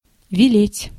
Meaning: to order, to enjoin, to command
- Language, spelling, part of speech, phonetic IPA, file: Russian, велеть, verb, [vʲɪˈlʲetʲ], Ru-велеть.ogg